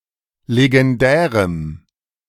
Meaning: strong dative masculine/neuter singular of legendär
- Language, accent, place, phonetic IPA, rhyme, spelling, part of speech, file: German, Germany, Berlin, [leɡɛnˈdɛːʁəm], -ɛːʁəm, legendärem, adjective, De-legendärem.ogg